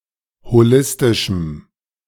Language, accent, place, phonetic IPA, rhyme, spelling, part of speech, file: German, Germany, Berlin, [hoˈlɪstɪʃm̩], -ɪstɪʃm̩, holistischem, adjective, De-holistischem.ogg
- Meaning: strong dative masculine/neuter singular of holistisch